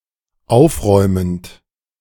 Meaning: present participle of aufräumen
- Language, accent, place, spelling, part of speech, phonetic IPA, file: German, Germany, Berlin, aufräumend, verb, [ˈaʊ̯fˌʁɔɪ̯mənt], De-aufräumend.ogg